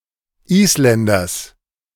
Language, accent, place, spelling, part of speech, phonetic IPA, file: German, Germany, Berlin, Isländers, noun, [ˈiːsˌlɛndɐs], De-Isländers.ogg
- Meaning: genitive of Isländer